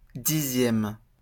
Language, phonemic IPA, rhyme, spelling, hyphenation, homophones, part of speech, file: French, /di.zjɛm/, -ɛm, dixième, di‧xième, dixièmes, adjective / noun, LL-Q150 (fra)-dixième.wav
- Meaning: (adjective) tenth